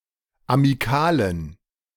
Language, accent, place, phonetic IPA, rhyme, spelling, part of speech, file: German, Germany, Berlin, [amiˈkaːlən], -aːlən, amikalen, adjective, De-amikalen.ogg
- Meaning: inflection of amikal: 1. strong genitive masculine/neuter singular 2. weak/mixed genitive/dative all-gender singular 3. strong/weak/mixed accusative masculine singular 4. strong dative plural